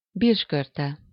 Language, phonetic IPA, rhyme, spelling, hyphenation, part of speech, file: Hungarian, [ˈbirʃkørtɛ], -tɛ, birskörte, birs‧kör‧te, noun, Hu-birskörte.ogg
- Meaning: quince (fruit)